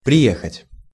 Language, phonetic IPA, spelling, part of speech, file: Russian, [prʲɪˈjexətʲ], приехать, verb, Ru-приехать.ogg
- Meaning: 1. to arrive, to come (by vehicle or horse) 2. to hit rock bottom